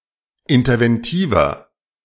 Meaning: inflection of interventiv: 1. strong/mixed nominative masculine singular 2. strong genitive/dative feminine singular 3. strong genitive plural
- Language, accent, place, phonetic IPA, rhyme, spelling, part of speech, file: German, Germany, Berlin, [ɪntɐvɛnˈtiːvɐ], -iːvɐ, interventiver, adjective, De-interventiver.ogg